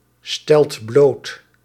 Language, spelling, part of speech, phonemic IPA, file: Dutch, stelt bloot, verb, /ˈstɛlt ˈblot/, Nl-stelt bloot.ogg
- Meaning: inflection of blootstellen: 1. second/third-person singular present indicative 2. plural imperative